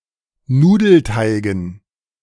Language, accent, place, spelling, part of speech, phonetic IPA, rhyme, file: German, Germany, Berlin, Nudelteigen, noun, [ˈnuːdl̩ˌtaɪ̯ɡn̩], -uːdl̩taɪ̯ɡn̩, De-Nudelteigen.ogg
- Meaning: dative plural of Nudelteig